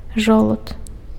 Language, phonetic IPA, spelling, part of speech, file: Belarusian, [ˈʐoɫut], жолуд, noun, Be-жолуд.ogg
- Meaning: 1. acorn 2. glans penis